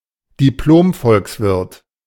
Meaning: A German university degree which is awarded to students of economics. It is comparable to a master's degree
- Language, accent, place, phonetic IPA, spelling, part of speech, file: German, Germany, Berlin, [diˈploːmˌfɔlksvɪʁt], Diplom-Volkswirt, noun, De-Diplom-Volkswirt.ogg